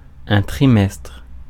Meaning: 1. quarter (period of three months) 2. term 3. trimester
- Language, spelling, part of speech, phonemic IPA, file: French, trimestre, noun, /tʁi.mɛstʁ/, Fr-trimestre.ogg